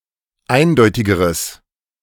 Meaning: strong/mixed nominative/accusative neuter singular comparative degree of eindeutig
- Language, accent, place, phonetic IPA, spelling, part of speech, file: German, Germany, Berlin, [ˈaɪ̯nˌdɔɪ̯tɪɡəʁəs], eindeutigeres, adjective, De-eindeutigeres.ogg